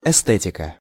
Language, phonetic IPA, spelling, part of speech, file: Russian, [ɪˈstɛtʲɪkə], эстетика, noun, Ru-эстетика.ogg
- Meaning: aesthetics/esthetics (study or philosophy of beauty)